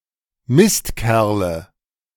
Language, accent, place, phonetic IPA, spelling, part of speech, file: German, Germany, Berlin, [ˈmɪstˌkɛʁlə], Mistkerle, noun, De-Mistkerle.ogg
- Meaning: nominative/accusative/genitive plural of Mistkerl